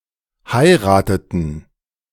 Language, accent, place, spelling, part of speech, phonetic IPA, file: German, Germany, Berlin, heirateten, verb, [ˈhaɪ̯ʁaːtətn̩], De-heirateten.ogg
- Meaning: inflection of heiraten: 1. first/third-person plural preterite 2. first/third-person plural subjunctive II